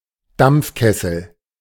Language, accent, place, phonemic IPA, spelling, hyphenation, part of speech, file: German, Germany, Berlin, /ˈdampfˌkɛsl̩/, Dampfkessel, Dampf‧kes‧sel, noun, De-Dampfkessel.ogg
- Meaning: steam boiler